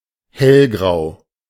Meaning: light gray
- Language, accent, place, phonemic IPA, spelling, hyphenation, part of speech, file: German, Germany, Berlin, /ˈhɛlˌɡʁaʊ̯/, hellgrau, hell‧grau, adjective, De-hellgrau.ogg